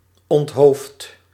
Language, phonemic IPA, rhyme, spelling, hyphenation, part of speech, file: Dutch, /ɔntˈɦoːft/, -oːft, onthoofd, ont‧hoofd, verb, Nl-onthoofd.ogg
- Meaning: inflection of onthoofden: 1. first-person singular present indicative 2. second-person singular present indicative 3. imperative